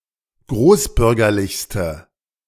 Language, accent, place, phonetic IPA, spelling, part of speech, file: German, Germany, Berlin, [ˈɡʁoːsˌbʏʁɡɐlɪçstə], großbürgerlichste, adjective, De-großbürgerlichste.ogg
- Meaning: inflection of großbürgerlich: 1. strong/mixed nominative/accusative feminine singular superlative degree 2. strong nominative/accusative plural superlative degree